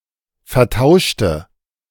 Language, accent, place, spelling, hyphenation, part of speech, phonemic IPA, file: German, Germany, Berlin, vertauschte, ver‧tau‧sch‧te, verb, /fɛɐ̯ˈtaʊ̯ʃtə/, De-vertauschte.ogg
- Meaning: inflection of vertauschen: 1. first/third-person singular preterite 2. first/third-person singular subjunctive II